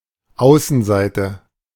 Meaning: outer side, outer surface, outside, exterior, outside page (printing), right side (RS, e.g., knitting)
- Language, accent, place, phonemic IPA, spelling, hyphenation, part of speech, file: German, Germany, Berlin, /ˈaʊ̯sn̩ˌzaɪ̯tə/, Außenseite, Au‧ßen‧sei‧te, noun, De-Außenseite.ogg